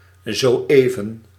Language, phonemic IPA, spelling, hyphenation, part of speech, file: Dutch, /ˌzoːˈeː.və(n)/, zo-even, zo-even, adverb, Nl-zo-even.ogg
- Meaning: just now (a moment ago)